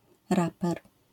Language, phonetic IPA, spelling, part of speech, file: Polish, [ˈrapɛr], raper, noun, LL-Q809 (pol)-raper.wav